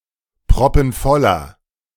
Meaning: inflection of proppenvoll: 1. strong/mixed nominative masculine singular 2. strong genitive/dative feminine singular 3. strong genitive plural
- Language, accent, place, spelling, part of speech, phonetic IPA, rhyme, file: German, Germany, Berlin, proppenvoller, adjective, [pʁɔpn̩ˈfɔlɐ], -ɔlɐ, De-proppenvoller.ogg